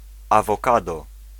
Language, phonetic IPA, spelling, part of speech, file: Polish, [ˌavɔˈkadɔ], awokado, noun, Pl-awokado.ogg